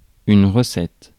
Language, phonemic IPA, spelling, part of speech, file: French, /ʁə.sɛt/, recette, noun, Fr-recette.ogg
- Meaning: 1. recipe 2. receipts, takings, income 3. acceptance testing